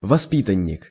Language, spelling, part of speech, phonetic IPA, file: Russian, воспитанник, noun, [vɐˈspʲitənʲ(ː)ɪk], Ru-воспитанник.ogg
- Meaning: foster child; pupil; alumnus